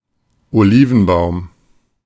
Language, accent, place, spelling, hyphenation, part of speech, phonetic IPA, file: German, Germany, Berlin, Olivenbaum, Oli‧ven‧baum, noun, [oˈliːvn̩ˌbaʊ̯m], De-Olivenbaum.ogg
- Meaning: olive tree